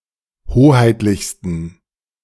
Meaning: 1. superlative degree of hoheitlich 2. inflection of hoheitlich: strong genitive masculine/neuter singular superlative degree
- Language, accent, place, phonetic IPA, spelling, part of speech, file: German, Germany, Berlin, [ˈhoːhaɪ̯tlɪçstn̩], hoheitlichsten, adjective, De-hoheitlichsten.ogg